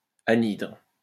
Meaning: 1. waterless 2. anhydrous
- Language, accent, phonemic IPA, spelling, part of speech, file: French, France, /a.nidʁ/, anhydre, adjective, LL-Q150 (fra)-anhydre.wav